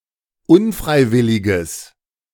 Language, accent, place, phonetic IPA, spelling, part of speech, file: German, Germany, Berlin, [ˈʊnˌfʁaɪ̯ˌvɪlɪɡəs], unfreiwilliges, adjective, De-unfreiwilliges.ogg
- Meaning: strong/mixed nominative/accusative neuter singular of unfreiwillig